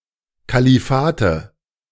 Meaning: nominative/accusative/genitive plural of Kalifat
- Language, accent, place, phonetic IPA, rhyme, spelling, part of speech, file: German, Germany, Berlin, [kaliˈfaːtə], -aːtə, Kalifate, noun, De-Kalifate.ogg